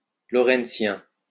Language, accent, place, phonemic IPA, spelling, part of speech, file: French, France, Lyon, /lɔ.ʁɛnt.sjɛ̃/, lorentzien, adjective, LL-Q150 (fra)-lorentzien.wav
- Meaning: Lorentzian